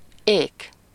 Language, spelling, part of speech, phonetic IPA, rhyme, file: Hungarian, ék, noun, [ˈeːk], -eːk, Hu-ék.ogg
- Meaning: 1. wedge (tool) 2. ornament